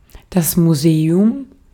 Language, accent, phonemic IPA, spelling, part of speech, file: German, Austria, /muˈzeːʊm/, Museum, noun, De-at-Museum.ogg
- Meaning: museum (building or institution dedicated to the protection and exhibition of items with scientific, historical, cultural or artistic value)